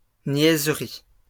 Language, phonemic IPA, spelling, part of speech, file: French, /njɛz.ʁi/, niaiserie, noun, LL-Q150 (fra)-niaiserie.wav
- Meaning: silliness; foolish talk or behaviour